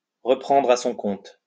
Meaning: 1. to appropriate, to take on board, to preempt, to pick up, to seize upon 2. to endorse, to echo, to preempt
- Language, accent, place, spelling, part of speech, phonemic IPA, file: French, France, Lyon, reprendre à son compte, verb, /ʁə.pʁɑ̃.dʁ‿a sɔ̃ kɔ̃t/, LL-Q150 (fra)-reprendre à son compte.wav